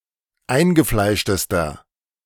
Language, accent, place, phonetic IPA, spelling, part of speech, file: German, Germany, Berlin, [ˈaɪ̯nɡəˌflaɪ̯ʃtəstɐ], eingefleischtester, adjective, De-eingefleischtester.ogg
- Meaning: inflection of eingefleischt: 1. strong/mixed nominative masculine singular superlative degree 2. strong genitive/dative feminine singular superlative degree